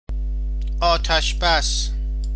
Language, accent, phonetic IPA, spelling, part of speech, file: Persian, Iran, [ʔɒː.t̪ʰæʃ.bæs], آتش‌بس, noun, Fa-آتش بس.ogg
- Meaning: ceasefire